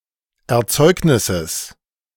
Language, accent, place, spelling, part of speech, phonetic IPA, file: German, Germany, Berlin, Erzeugnisses, noun, [ɛɐ̯ˈt͡sɔɪ̯knɪsəs], De-Erzeugnisses.ogg
- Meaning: genitive singular of Erzeugnis